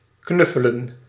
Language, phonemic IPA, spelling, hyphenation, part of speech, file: Dutch, /ˈknʏ.fə.lə(n)/, knuffelen, knuf‧fe‧len, verb, Nl-knuffelen.ogg
- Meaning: to cuddle, hug